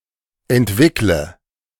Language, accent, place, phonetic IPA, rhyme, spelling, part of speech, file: German, Germany, Berlin, [ɛntˈvɪklə], -ɪklə, entwickle, verb, De-entwickle.ogg
- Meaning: inflection of entwickeln: 1. first-person singular present 2. first/third-person singular subjunctive I 3. singular imperative